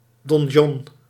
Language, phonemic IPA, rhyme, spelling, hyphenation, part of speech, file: Dutch, /dɔnˈʒɔn/, -ɔn, donjon, don‧jon, noun, Nl-donjon.ogg
- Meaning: donjon, keep